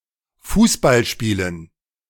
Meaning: dative plural of Fußballspiel
- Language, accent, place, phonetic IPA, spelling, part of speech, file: German, Germany, Berlin, [ˈfuːsbalˌʃpiːlən], Fußballspielen, noun, De-Fußballspielen.ogg